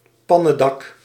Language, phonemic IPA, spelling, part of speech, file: Dutch, /ˈpɑnədɑk/, pannendak, noun, Nl-pannendak.ogg
- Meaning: tiled roof